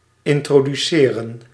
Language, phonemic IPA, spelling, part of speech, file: Dutch, /ˌɪntrodyˈserə(n)/, introduceren, verb, Nl-introduceren.ogg
- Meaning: to introduce